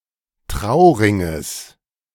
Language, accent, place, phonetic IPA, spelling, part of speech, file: German, Germany, Berlin, [ˈtʁaʊ̯ˌʁɪŋəs], Trauringes, noun, De-Trauringes.ogg
- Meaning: genitive singular of Trauring